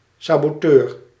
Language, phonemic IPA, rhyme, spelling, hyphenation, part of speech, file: Dutch, /ˌsaː.boːˈtøːr/, -øːr, saboteur, sa‧bo‧teur, noun, Nl-saboteur.ogg
- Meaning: saboteur